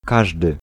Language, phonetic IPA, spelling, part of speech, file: Polish, [ˈkaʒdɨ], każdy, pronoun, Pl-każdy.ogg